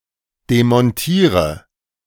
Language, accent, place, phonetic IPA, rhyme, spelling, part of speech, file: German, Germany, Berlin, [demɔnˈtiːʁə], -iːʁə, demontiere, verb, De-demontiere.ogg
- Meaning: inflection of demontieren: 1. first-person singular present 2. singular imperative 3. first/third-person singular subjunctive I